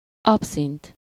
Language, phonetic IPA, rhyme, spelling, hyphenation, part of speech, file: Hungarian, [ˈɒpsint], -int, abszint, ab‧szint, noun, Hu-abszint.ogg
- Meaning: absinth, absinthe (anise-flavored liquor)